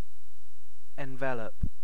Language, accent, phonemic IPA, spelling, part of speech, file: English, UK, /ɛnˈvɛləp/, envelop, verb, En-uk-envelop.ogg
- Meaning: To surround, enclose or enfold